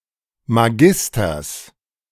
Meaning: genitive singular of Magister
- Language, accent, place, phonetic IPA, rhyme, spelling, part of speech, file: German, Germany, Berlin, [maˈɡɪstɐs], -ɪstɐs, Magisters, noun, De-Magisters.ogg